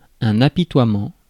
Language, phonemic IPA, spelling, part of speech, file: French, /a.pi.twa.mɑ̃/, apitoiement, noun, Fr-apitoiement.ogg
- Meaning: compassion, pity, mercy, sympathy